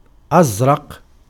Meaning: 1. flickering, glinting 2. blue, blue-coloured
- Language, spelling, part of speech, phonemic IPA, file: Arabic, أزرق, adjective, /ʔaz.raq/, Ar-أزرق.ogg